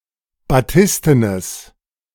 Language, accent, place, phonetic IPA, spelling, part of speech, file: German, Germany, Berlin, [baˈtɪstənəs], batistenes, adjective, De-batistenes.ogg
- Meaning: strong/mixed nominative/accusative neuter singular of batisten